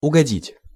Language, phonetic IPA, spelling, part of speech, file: Russian, [ʊɡɐˈdʲitʲ], угодить, verb, Ru-угодить.ogg
- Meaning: 1. to please, to oblige 2. to get to (some place or situation, unexpectedly) (no imperfective) 3. to hit (a target) 4. to bump into/against